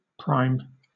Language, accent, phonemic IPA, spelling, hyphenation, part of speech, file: English, Southern England, /pɹaɪ̯m/, prime, prime, adjective / noun, LL-Q1860 (eng)-prime.wav
- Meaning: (adjective) 1. First in importance, degree, or rank 2. First in time, order, or sequence 3. First in excellence, quality, or value